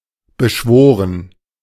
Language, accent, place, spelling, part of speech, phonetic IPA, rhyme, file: German, Germany, Berlin, beschworen, verb, [bəˈʃvoːʁən], -oːʁən, De-beschworen.ogg
- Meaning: past participle of beschwören